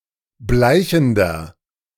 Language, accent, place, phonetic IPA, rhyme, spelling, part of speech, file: German, Germany, Berlin, [ˈblaɪ̯çn̩dɐ], -aɪ̯çn̩dɐ, bleichender, adjective, De-bleichender.ogg
- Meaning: inflection of bleichend: 1. strong/mixed nominative masculine singular 2. strong genitive/dative feminine singular 3. strong genitive plural